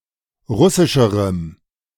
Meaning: strong dative masculine/neuter singular comparative degree of russisch
- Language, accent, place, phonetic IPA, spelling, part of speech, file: German, Germany, Berlin, [ˈʁʊsɪʃəʁəm], russischerem, adjective, De-russischerem.ogg